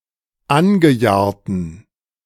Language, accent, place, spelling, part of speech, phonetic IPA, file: German, Germany, Berlin, angejahrten, adjective, [ˈanɡəˌjaːɐ̯tn̩], De-angejahrten.ogg
- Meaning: inflection of angejahrt: 1. strong genitive masculine/neuter singular 2. weak/mixed genitive/dative all-gender singular 3. strong/weak/mixed accusative masculine singular 4. strong dative plural